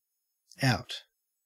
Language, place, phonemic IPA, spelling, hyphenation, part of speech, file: English, Queensland, /ˈæɔ̯t/, out, out, adverb / preposition / noun / verb / adjective / interjection, En-au-out.ogg
- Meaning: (adverb) 1. Away from the inside or centre 2. Away from, or at a distance from, some point of reference or focus